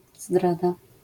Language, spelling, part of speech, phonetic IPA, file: Polish, zdrada, noun, [ˈzdrada], LL-Q809 (pol)-zdrada.wav